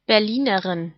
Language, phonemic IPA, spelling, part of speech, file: German, /bɛʁˈliːnəʁɪn/, Berlinerin, noun, De-Berlinerin.ogg
- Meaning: female Berliner (female person from Berlin)